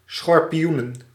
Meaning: plural of schorpioen
- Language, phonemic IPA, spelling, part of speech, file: Dutch, /sxɔrpiˈjunə(n)/, schorpioenen, noun, Nl-schorpioenen.ogg